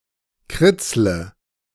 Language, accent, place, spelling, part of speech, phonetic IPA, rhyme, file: German, Germany, Berlin, kritzle, verb, [ˈkʁɪt͡slə], -ɪt͡slə, De-kritzle.ogg
- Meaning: inflection of kritzeln: 1. first-person singular present 2. singular imperative 3. first/third-person singular subjunctive I